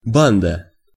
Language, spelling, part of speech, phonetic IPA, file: Russian, банда, noun, [ˈbandə], Ru-банда.ogg
- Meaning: gang